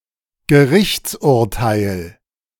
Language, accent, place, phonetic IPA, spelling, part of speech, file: German, Germany, Berlin, [ɡəˈʁɪçt͡sʔʊʁˌtaɪ̯l], Gerichtsurteil, noun, De-Gerichtsurteil.ogg
- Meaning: judgment, court decision, court ruling